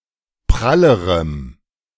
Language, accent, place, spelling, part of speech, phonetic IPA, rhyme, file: German, Germany, Berlin, prallerem, adjective, [ˈpʁaləʁəm], -aləʁəm, De-prallerem.ogg
- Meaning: strong dative masculine/neuter singular comparative degree of prall